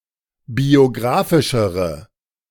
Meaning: inflection of biographisch: 1. strong/mixed nominative/accusative feminine singular comparative degree 2. strong nominative/accusative plural comparative degree
- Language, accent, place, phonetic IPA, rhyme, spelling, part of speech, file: German, Germany, Berlin, [bioˈɡʁaːfɪʃəʁə], -aːfɪʃəʁə, biographischere, adjective, De-biographischere.ogg